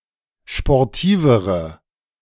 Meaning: inflection of sportiv: 1. strong/mixed nominative/accusative feminine singular comparative degree 2. strong nominative/accusative plural comparative degree
- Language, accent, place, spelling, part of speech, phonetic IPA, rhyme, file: German, Germany, Berlin, sportivere, adjective, [ʃpɔʁˈtiːvəʁə], -iːvəʁə, De-sportivere.ogg